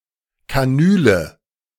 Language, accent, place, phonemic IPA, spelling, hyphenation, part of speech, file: German, Germany, Berlin, /kaˈnyːlə/, Kanüle, Ka‧nü‧le, noun, De-Kanüle.ogg
- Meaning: 1. hypodermic needle 2. cannula